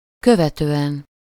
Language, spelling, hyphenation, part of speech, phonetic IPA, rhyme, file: Hungarian, követően, kö‧ve‧tő‧en, postposition, [ˈkøvɛtøːɛn], -ɛn, Hu-követően.ogg
- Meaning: after, subsequently (requires an accusative suffix: -t/-ot/-at/-et/-öt)